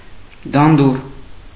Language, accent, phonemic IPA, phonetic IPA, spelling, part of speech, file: Armenian, Eastern Armenian, /dɑnˈdur/, [dɑndúr], դանդուռ, noun, Hy-դանդուռ.ogg
- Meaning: 1. purslane, Portulaca 2. purslane, Portulaca: common purslane, Portulaca oleracea 3. something soft and tender